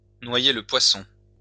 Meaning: to elude a question, to kick into touch, to muddy the waters, to cloud the issue, to duck the issue, to confuse
- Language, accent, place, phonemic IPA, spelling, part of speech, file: French, France, Lyon, /nwa.je lə pwa.sɔ̃/, noyer le poisson, verb, LL-Q150 (fra)-noyer le poisson.wav